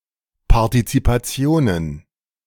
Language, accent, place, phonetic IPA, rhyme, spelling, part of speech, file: German, Germany, Berlin, [paʁtit͡sipaˈt͡si̯oːnən], -oːnən, Partizipationen, noun, De-Partizipationen.ogg
- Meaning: plural of Partizipation